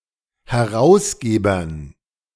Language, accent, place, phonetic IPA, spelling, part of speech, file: German, Germany, Berlin, [hɛˈʁaʊ̯sˌɡeːbɐn], Herausgebern, noun, De-Herausgebern.ogg
- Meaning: dative plural of Herausgeber